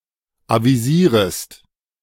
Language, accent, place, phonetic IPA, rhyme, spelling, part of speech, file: German, Germany, Berlin, [ˌaviˈziːʁəst], -iːʁəst, avisierest, verb, De-avisierest.ogg
- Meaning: second-person singular subjunctive I of avisieren